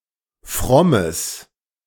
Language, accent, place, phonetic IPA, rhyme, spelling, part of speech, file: German, Germany, Berlin, [ˈfʁɔməs], -ɔməs, frommes, adjective, De-frommes.ogg
- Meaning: strong/mixed nominative/accusative neuter singular of fromm